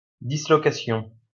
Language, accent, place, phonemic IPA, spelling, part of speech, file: French, France, Lyon, /di.slɔ.ka.sjɔ̃/, dislocation, noun, LL-Q150 (fra)-dislocation.wav
- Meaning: dislocation